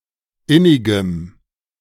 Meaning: strong dative masculine/neuter singular of innig
- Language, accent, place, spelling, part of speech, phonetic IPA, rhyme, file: German, Germany, Berlin, innigem, adjective, [ˈɪnɪɡəm], -ɪnɪɡəm, De-innigem.ogg